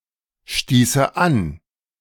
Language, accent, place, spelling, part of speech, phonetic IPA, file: German, Germany, Berlin, stieße an, verb, [ˌʃtiːsə ˈan], De-stieße an.ogg
- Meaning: first/third-person singular subjunctive II of anstoßen